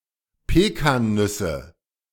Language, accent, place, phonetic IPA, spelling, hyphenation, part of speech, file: German, Germany, Berlin, [ˈpeːkaːnˌnʏsə], Pekannüsse, Pe‧kan‧nüs‧se, noun, De-Pekannüsse.ogg
- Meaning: nominative/accusative/genitive plural of Pekannuss